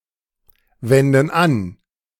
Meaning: inflection of anwenden: 1. first/third-person plural present 2. first/third-person plural subjunctive I
- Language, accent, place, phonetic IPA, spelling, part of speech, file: German, Germany, Berlin, [ˌvɛndn̩ ˈan], wenden an, verb, De-wenden an.ogg